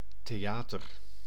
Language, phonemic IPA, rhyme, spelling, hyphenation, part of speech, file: Dutch, /teːˈ(j)aːtər/, -aːtər, theater, the‧a‧ter, noun, Nl-theater.ogg
- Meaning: theater (US), theatre (Commonwealth): either drama, the art form, or a drama theater (building)